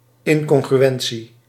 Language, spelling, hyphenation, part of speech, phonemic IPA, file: Dutch, incongruentie, in‧con‧gru‧en‧tie, noun, /ˌɪŋkɔŋɣryˈɛnsi/, Nl-incongruentie.ogg
- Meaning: incongruence